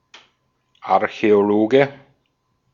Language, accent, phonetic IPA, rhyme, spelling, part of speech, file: German, Austria, [aʁçɛoˈloːɡə], -oːɡə, Archäologe, noun, De-at-Archäologe.ogg
- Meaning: archaeologist (male or of unspecified gender)